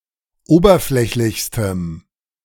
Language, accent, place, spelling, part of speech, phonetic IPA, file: German, Germany, Berlin, oberflächlichstem, adjective, [ˈoːbɐˌflɛçlɪçstəm], De-oberflächlichstem.ogg
- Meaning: strong dative masculine/neuter singular superlative degree of oberflächlich